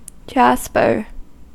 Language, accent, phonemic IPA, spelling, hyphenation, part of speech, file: English, US, /ˈd͡ʒæs.pɚ/, jasper, jas‧per, noun / verb, En-us-jasper.ogg
- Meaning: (noun) 1. Any bright-coloured kind of chalcedony apart from cornelian 2. An opaque, impure variety of quartz, of red, yellow, and other dull colors, breaking conchoidally with a smooth surface